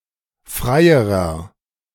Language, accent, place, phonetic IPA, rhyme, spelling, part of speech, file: German, Germany, Berlin, [ˈfʁaɪ̯əʁɐ], -aɪ̯əʁɐ, freierer, adjective, De-freierer.ogg
- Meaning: inflection of frei: 1. strong/mixed nominative masculine singular comparative degree 2. strong genitive/dative feminine singular comparative degree 3. strong genitive plural comparative degree